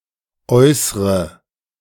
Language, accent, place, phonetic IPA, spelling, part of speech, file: German, Germany, Berlin, [ˈɔɪ̯sʁə], äußre, verb, De-äußre.ogg
- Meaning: inflection of äußern: 1. first-person singular present 2. first/third-person singular subjunctive I 3. singular imperative